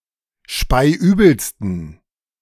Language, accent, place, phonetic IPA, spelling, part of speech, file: German, Germany, Berlin, [ˈʃpaɪ̯ˈʔyːbl̩stn̩], speiübelsten, adjective, De-speiübelsten.ogg
- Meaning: 1. superlative degree of speiübel 2. inflection of speiübel: strong genitive masculine/neuter singular superlative degree